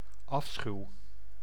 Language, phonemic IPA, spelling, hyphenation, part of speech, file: Dutch, /ˈɑf.sxyu̯/, afschuw, af‧schuw, noun, Nl-afschuw.ogg
- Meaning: revulsion, abhorrence, repugnance, horror, abomination (strong aversion)